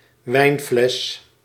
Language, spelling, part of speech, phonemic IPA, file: Dutch, wijnfles, noun, /ˈʋɛi̯nflɛs/, Nl-wijnfles.ogg
- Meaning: wine bottle